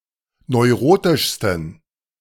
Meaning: 1. superlative degree of neurotisch 2. inflection of neurotisch: strong genitive masculine/neuter singular superlative degree
- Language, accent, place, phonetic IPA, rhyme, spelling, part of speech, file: German, Germany, Berlin, [nɔɪ̯ˈʁoːtɪʃstn̩], -oːtɪʃstn̩, neurotischsten, adjective, De-neurotischsten.ogg